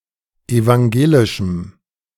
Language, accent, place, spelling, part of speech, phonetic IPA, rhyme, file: German, Germany, Berlin, evangelischem, adjective, [evaŋˈɡeːlɪʃm̩], -eːlɪʃm̩, De-evangelischem.ogg
- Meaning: strong dative masculine/neuter singular of evangelisch